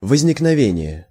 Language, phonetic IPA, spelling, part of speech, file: Russian, [vəzʲnʲɪknɐˈvʲenʲɪje], возникновение, noun, Ru-возникновение.ogg
- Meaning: emergence, occurrence, appearance, rise, onset, arising